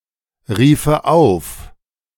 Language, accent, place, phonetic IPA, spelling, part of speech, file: German, Germany, Berlin, [ˌʁiːfə ˈaʊ̯f], riefe auf, verb, De-riefe auf.ogg
- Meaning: first/third-person singular subjunctive II of aufrufen